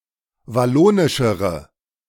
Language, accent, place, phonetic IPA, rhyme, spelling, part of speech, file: German, Germany, Berlin, [vaˈloːnɪʃəʁə], -oːnɪʃəʁə, wallonischere, adjective, De-wallonischere.ogg
- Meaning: inflection of wallonisch: 1. strong/mixed nominative/accusative feminine singular comparative degree 2. strong nominative/accusative plural comparative degree